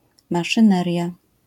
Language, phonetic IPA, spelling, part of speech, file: Polish, [ˌmaʃɨ̃ˈnɛrʲja], maszyneria, noun, LL-Q809 (pol)-maszyneria.wav